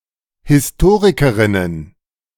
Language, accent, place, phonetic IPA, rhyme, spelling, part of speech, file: German, Germany, Berlin, [hɪsˈtoːʁɪkəʁɪnən], -oːʁɪkəʁɪnən, Historikerinnen, noun, De-Historikerinnen.ogg
- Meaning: plural of Historikerin